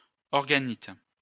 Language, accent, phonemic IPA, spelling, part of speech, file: French, France, /ɔʁ.ɡa.nit/, organite, noun, LL-Q150 (fra)-organite.wav
- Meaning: organelle